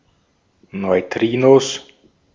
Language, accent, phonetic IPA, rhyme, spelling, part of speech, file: German, Austria, [nɔɪ̯ˈtʁiːnos], -iːnos, Neutrinos, noun, De-at-Neutrinos.ogg
- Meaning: plural of Neutrino